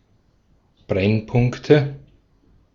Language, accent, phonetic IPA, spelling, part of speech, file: German, Austria, [ˈbʁɛnˌpʊŋktə], Brennpunkte, noun, De-at-Brennpunkte.ogg
- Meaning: nominative/accusative/genitive plural of Brennpunkt